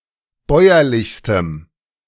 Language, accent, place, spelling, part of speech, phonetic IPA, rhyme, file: German, Germany, Berlin, bäuerlichstem, adjective, [ˈbɔɪ̯ɐlɪçstəm], -ɔɪ̯ɐlɪçstəm, De-bäuerlichstem.ogg
- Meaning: strong dative masculine/neuter singular superlative degree of bäuerlich